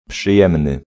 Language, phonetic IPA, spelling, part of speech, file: Polish, [pʃɨˈjɛ̃mnɨ], przyjemny, adjective, Pl-przyjemny.ogg